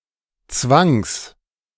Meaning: genitive singular of Zwang
- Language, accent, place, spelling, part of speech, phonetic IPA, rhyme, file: German, Germany, Berlin, Zwangs, noun, [t͡svaŋs], -aŋs, De-Zwangs.ogg